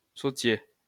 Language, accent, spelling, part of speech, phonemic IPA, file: French, France, psautier, noun, /pso.tje/, LL-Q150 (fra)-psautier.wav
- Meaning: psalter